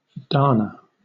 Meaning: 1. An American surname 2. A unisex given name transferred from the surname, originally given in honor of Richard Henry Dana Jr 3. A town in Indiana; named for Charles Dana, a railroad official
- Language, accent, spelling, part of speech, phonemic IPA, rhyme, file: English, Southern England, Dana, proper noun, /ˈdɑːnə/, -ɑːnə, LL-Q1860 (eng)-Dana.wav